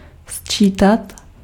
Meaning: to add
- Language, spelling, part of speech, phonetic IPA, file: Czech, sčítat, verb, [ˈst͡ʃiːtat], Cs-sčítat.ogg